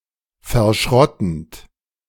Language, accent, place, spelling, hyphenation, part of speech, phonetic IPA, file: German, Germany, Berlin, verschrottend, ver‧schrot‧tend, verb, [fɛɐ̯ˈʃʁɔtn̩t], De-verschrottend.ogg
- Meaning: present participle of verschrotten